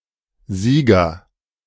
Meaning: agent noun of siegen; winner, victor, champion
- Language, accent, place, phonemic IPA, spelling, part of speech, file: German, Germany, Berlin, /ˈziːɡɐ/, Sieger, noun, De-Sieger.ogg